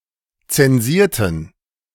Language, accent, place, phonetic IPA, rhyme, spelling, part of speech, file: German, Germany, Berlin, [ˌt͡sɛnˈziːɐ̯tn̩], -iːɐ̯tn̩, zensierten, adjective / verb, De-zensierten.ogg
- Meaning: inflection of zensieren: 1. first/third-person plural preterite 2. first/third-person plural subjunctive II